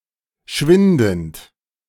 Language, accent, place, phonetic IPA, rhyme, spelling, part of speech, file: German, Germany, Berlin, [ˈʃvɪndn̩t], -ɪndn̩t, schwindend, verb, De-schwindend.ogg
- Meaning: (verb) present participle of schwinden; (adjective) dwindling, waning, shrinking, declining, fading